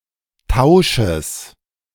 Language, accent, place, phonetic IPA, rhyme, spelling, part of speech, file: German, Germany, Berlin, [ˈtaʊ̯ʃəs], -aʊ̯ʃəs, Tausches, noun, De-Tausches.ogg
- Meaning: genitive singular of Tausch